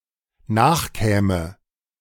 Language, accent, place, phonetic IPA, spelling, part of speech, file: German, Germany, Berlin, [ˈnaːxˌkɛːmə], nachkäme, verb, De-nachkäme.ogg
- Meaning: first/third-person singular dependent subjunctive II of nachkommen